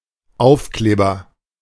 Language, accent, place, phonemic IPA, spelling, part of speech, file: German, Germany, Berlin, /ˈaʊ̯fˌkleːbɐ/, Aufkleber, noun, De-Aufkleber.ogg
- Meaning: 1. agent noun of aufkleben 2. sticker